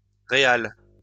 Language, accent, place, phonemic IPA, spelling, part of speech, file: French, France, Lyon, /ʁe.al/, réal, noun, LL-Q150 (fra)-réal.wav
- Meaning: 1. real (former currency of Spain) 2. real (former currency of Portugal) 3. real (currency of Brazil)